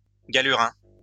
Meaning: titfer (hat)
- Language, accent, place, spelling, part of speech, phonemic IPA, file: French, France, Lyon, galurin, noun, /ɡa.ly.ʁɛ̃/, LL-Q150 (fra)-galurin.wav